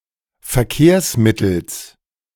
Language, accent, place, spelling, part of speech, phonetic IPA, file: German, Germany, Berlin, Verkehrsmittels, noun, [fɛɐ̯ˈkeːɐ̯sˌmɪtl̩s], De-Verkehrsmittels.ogg
- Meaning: genitive singular of Verkehrsmittel